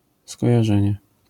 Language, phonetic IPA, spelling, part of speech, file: Polish, [ˌskɔjaˈʒɛ̃ɲɛ], skojarzenie, noun, LL-Q809 (pol)-skojarzenie.wav